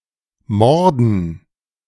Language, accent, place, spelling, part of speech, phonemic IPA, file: German, Germany, Berlin, morden, verb, /ˈmɔrdən/, De-morden.ogg
- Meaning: 1. to commit murder 2. to murder